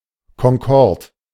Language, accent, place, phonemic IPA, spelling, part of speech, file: German, Germany, Berlin, /kɔŋˈkɔʁt/, Concorde, proper noun, De-Concorde.ogg
- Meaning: Concorde (supersonic airliner)